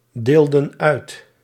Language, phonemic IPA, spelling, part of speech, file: Dutch, /ˈdeldə(n) ˈœyt/, deelden uit, verb, Nl-deelden uit.ogg
- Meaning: inflection of uitdelen: 1. plural past indicative 2. plural past subjunctive